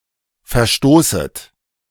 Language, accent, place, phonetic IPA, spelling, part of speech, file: German, Germany, Berlin, [fɛɐ̯ˈʃtoːsət], verstoßet, verb, De-verstoßet.ogg
- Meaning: second-person plural subjunctive I of verstoßen